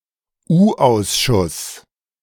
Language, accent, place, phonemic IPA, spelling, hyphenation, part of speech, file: German, Germany, Berlin, /ˈuːˌʔaʊ̯sʃʊs/, U-Ausschuss, U-Aus‧schuss, noun, De-U-Ausschuss.ogg
- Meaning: clipping of Untersuchungsausschuss (board of enquiry, investigation committee)